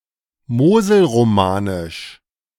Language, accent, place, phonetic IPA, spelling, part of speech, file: German, Germany, Berlin, [ˈmoːzl̩ʁoˌmaːnɪʃ], moselromanisch, adjective, De-moselromanisch.ogg
- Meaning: Moselle romanesque